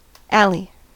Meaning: 1. A narrow street or passageway, especially one through the middle of a block giving access to the rear of lots of buildings 2. The area between the outfielders
- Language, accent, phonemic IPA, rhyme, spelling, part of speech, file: English, US, /ˈæl.i/, -æli, alley, noun, En-us-alley.ogg